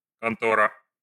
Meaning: 1. office, bureau 2. suspicious company 3. the KGB 4. KGB successors in the Post-Soviet countries: the FSB, SBU etc
- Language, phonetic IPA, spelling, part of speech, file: Russian, [kɐnˈtorə], контора, noun, Ru-контора.ogg